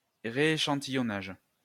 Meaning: resampling
- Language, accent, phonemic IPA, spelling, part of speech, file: French, France, /ʁe.e.ʃɑ̃.ti.jɔ.naʒ/, rééchantillonnage, noun, LL-Q150 (fra)-rééchantillonnage.wav